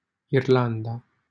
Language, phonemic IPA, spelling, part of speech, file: Romanian, /irˈlan.da/, Irlanda, proper noun, LL-Q7913 (ron)-Irlanda.wav
- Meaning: Ireland (a country in northwestern Europe)